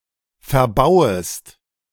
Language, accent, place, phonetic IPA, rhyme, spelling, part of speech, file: German, Germany, Berlin, [fɛɐ̯ˈbaʊ̯əst], -aʊ̯əst, verbauest, verb, De-verbauest.ogg
- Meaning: second-person singular subjunctive I of verbauen